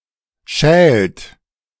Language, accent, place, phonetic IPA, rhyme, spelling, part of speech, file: German, Germany, Berlin, [ʃɛːlt], -ɛːlt, schält, verb, De-schält.ogg
- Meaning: inflection of schälen: 1. third-person singular present 2. second-person plural present 3. plural imperative